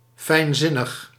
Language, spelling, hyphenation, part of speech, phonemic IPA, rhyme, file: Dutch, fijnzinnig, fijn‧zin‧nig, adjective, /ˌfɛi̯nˈzɪ.nəx/, -ɪnəx, Nl-fijnzinnig.ogg
- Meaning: subtle, intellectually profound